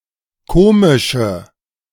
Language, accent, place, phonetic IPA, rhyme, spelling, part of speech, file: German, Germany, Berlin, [ˈkoːmɪʃə], -oːmɪʃə, komische, adjective, De-komische.ogg
- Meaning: inflection of komisch: 1. strong/mixed nominative/accusative feminine singular 2. strong nominative/accusative plural 3. weak nominative all-gender singular 4. weak accusative feminine/neuter singular